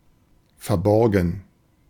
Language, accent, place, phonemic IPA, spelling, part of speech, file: German, Germany, Berlin, /fɛɐ̯ˈbɔʁɡn̩/, verborgen, verb / adjective, De-verborgen.ogg
- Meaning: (verb) 1. to lend 2. past participle of verbergen; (adjective) hidden